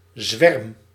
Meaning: swarm (large number of individuals)
- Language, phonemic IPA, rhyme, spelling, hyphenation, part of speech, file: Dutch, /zʋɛrm/, -ɛrm, zwerm, zwerm, noun, Nl-zwerm.ogg